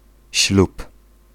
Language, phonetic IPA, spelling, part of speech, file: Polish, [ɕlup], ślub, noun, Pl-ślub.ogg